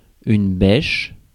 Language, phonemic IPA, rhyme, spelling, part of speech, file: French, /bɛʃ/, -ɛʃ, bêche, noun / verb, Fr-bêche.ogg
- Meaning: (noun) spade; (verb) inflection of bêcher: 1. first/third-person singular present indicative/subjunctive 2. second-person singular imperative